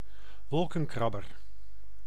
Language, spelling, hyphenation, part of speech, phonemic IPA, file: Dutch, wolkenkrabber, wol‧ken‧krab‧ber, noun, /ˈʋɔl.kə(n)ˌkrɑ.bər/, Nl-wolkenkrabber.ogg
- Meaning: skyscraper